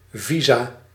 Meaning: plural of visum
- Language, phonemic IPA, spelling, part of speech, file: Dutch, /ˈvi.zaː/, visa, noun, Nl-visa.ogg